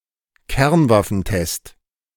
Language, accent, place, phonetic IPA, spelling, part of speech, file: German, Germany, Berlin, [ˈkɛʁnvafn̩ˌtɛst], Kernwaffentest, noun, De-Kernwaffentest.ogg
- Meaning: nuclear weapon test